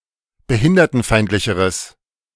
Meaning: strong/mixed nominative/accusative neuter singular comparative degree of behindertenfeindlich
- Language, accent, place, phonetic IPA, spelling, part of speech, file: German, Germany, Berlin, [bəˈhɪndɐtn̩ˌfaɪ̯ntlɪçəʁəs], behindertenfeindlicheres, adjective, De-behindertenfeindlicheres.ogg